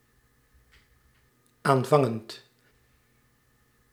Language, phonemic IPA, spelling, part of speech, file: Dutch, /ˈaɱvɑŋənt/, aanvangend, verb, Nl-aanvangend.ogg
- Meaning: present participle of aanvangen